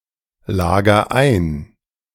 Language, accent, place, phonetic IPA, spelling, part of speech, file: German, Germany, Berlin, [ˌlaːɡɐ ˈaɪ̯n], lager ein, verb, De-lager ein.ogg
- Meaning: inflection of einlagern: 1. first-person singular present 2. singular imperative